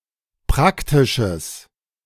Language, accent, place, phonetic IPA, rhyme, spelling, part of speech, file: German, Germany, Berlin, [ˈpʁaktɪʃəs], -aktɪʃəs, praktisches, adjective, De-praktisches.ogg
- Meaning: strong/mixed nominative/accusative neuter singular of praktisch